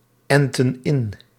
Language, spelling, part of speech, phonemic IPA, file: Dutch, enten in, verb, /ˈɛntə(n) ˈɪn/, Nl-enten in.ogg
- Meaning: inflection of inenten: 1. plural present indicative 2. plural present subjunctive